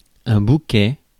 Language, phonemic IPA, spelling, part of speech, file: French, /bu.kɛ/, bouquet, noun, Fr-bouquet.ogg
- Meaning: 1. bouquet, bunch 2. a set or selection of something 3. a group of trees forming a grove 4. aroma, bouquet (scent of wine)